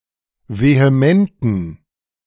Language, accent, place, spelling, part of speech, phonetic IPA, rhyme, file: German, Germany, Berlin, vehementen, adjective, [veheˈmɛntn̩], -ɛntn̩, De-vehementen.ogg
- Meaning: inflection of vehement: 1. strong genitive masculine/neuter singular 2. weak/mixed genitive/dative all-gender singular 3. strong/weak/mixed accusative masculine singular 4. strong dative plural